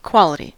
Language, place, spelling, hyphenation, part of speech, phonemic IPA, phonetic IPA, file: English, California, quality, qual‧i‧ty, noun, /ˈkwɑləti/, [ˈkʰwɑləɾi], En-us-quality.ogg
- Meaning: 1. The kind, condition, and/or the set of characteristics of something, as opposed to the quantity of something 2. A single trait